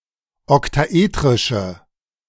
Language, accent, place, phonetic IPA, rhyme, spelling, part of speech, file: German, Germany, Berlin, [ɔktaˈʔeːtʁɪʃə], -eːtʁɪʃə, oktaetrische, adjective, De-oktaetrische.ogg
- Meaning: inflection of oktaetrisch: 1. strong/mixed nominative/accusative feminine singular 2. strong nominative/accusative plural 3. weak nominative all-gender singular